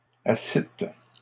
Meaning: second-person plural past historic of asseoir
- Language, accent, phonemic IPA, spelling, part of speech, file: French, Canada, /a.sit/, assîtes, verb, LL-Q150 (fra)-assîtes.wav